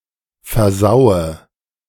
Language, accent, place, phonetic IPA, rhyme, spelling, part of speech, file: German, Germany, Berlin, [fɛɐ̯ˈzaʊ̯ə], -aʊ̯ə, versaue, verb, De-versaue.ogg
- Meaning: inflection of versauen: 1. first-person singular present 2. singular imperative 3. first/third-person singular subjunctive I